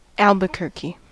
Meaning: 1. A surname from Spanish 2. The largest city in New Mexico, United States; the county seat of Bernalillo County
- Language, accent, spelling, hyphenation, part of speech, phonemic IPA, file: English, US, Albuquerque, Al‧bu‧quer‧que, proper noun, /ˈæl.bə.kɚ.ki/, En-us-Albuquerque.ogg